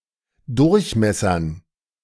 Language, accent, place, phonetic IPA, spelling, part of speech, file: German, Germany, Berlin, [ˈdʊʁçˌmɛsɐn], Durchmessern, noun, De-Durchmessern.ogg
- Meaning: dative plural of Durchmesser